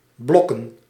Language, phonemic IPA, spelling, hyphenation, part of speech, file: Dutch, /ˈblɔkə(n)/, blokken, blok‧ken, verb / noun, Nl-blokken.ogg
- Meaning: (verb) to cram, to study hard, to swot; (noun) plural of blok